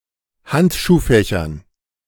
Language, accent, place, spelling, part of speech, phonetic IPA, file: German, Germany, Berlin, Handschuhfächer, noun, [ˈhantʃuːˌfɛçɐ], De-Handschuhfächer.ogg
- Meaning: nominative/accusative/genitive plural of Handschuhfach